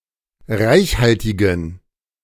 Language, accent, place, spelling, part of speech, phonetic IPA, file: German, Germany, Berlin, reichhaltigen, adjective, [ˈʁaɪ̯çˌhaltɪɡn̩], De-reichhaltigen.ogg
- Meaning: inflection of reichhaltig: 1. strong genitive masculine/neuter singular 2. weak/mixed genitive/dative all-gender singular 3. strong/weak/mixed accusative masculine singular 4. strong dative plural